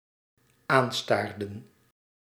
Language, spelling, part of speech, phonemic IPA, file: Dutch, aanstaarden, verb, /ˈanstardə(n)/, Nl-aanstaarden.ogg
- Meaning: inflection of aanstaren: 1. plural dependent-clause past indicative 2. plural dependent-clause past subjunctive